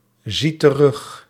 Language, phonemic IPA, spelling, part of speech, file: Dutch, /ˈzi t(ə)ˈrʏx/, zie terug, verb, Nl-zie terug.ogg
- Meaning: inflection of terugzien: 1. first-person singular present indicative 2. second-person singular present indicative 3. imperative 4. singular present subjunctive